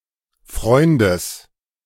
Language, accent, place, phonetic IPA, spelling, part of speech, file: German, Germany, Berlin, [ˈfʁɔɪ̯ndəs], Freundes, noun, De-Freundes.ogg
- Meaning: genitive singular of Freund